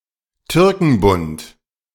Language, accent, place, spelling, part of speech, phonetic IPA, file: German, Germany, Berlin, Türkenbund, noun, [ˈtʏʁkŋ̩bʊnt], De-Türkenbund.ogg
- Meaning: Turk's cap lily, martagon lily (Lilium martagon)